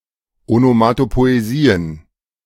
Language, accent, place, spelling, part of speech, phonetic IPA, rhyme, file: German, Germany, Berlin, Onomatopoesien, noun, [ˌonomatopoeˈziːən], -iːən, De-Onomatopoesien.ogg
- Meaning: plural of Onomatopoesie